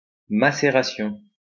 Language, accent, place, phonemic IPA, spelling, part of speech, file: French, France, Lyon, /ma.se.ʁa.sjɔ̃/, macération, noun, LL-Q150 (fra)-macération.wav
- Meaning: maceration